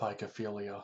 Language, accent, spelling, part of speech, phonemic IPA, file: English, US, pygophilia, noun, /ˌpaɪɡəˈfiː.li.ə/, Pygophilia US.ogg
- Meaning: A paraphilia involving sexual attraction to buttocks